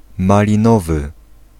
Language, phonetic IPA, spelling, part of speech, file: Polish, [ˌmalʲĩˈnɔvɨ], malinowy, adjective, Pl-malinowy.ogg